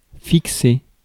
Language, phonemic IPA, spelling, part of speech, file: French, /fik.se/, fixer, verb, Fr-fixer.ogg
- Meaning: 1. to fix, fasten 2. to fix, arrange, set (a date, price etc.) 3. to settle (in a place) 4. to stare at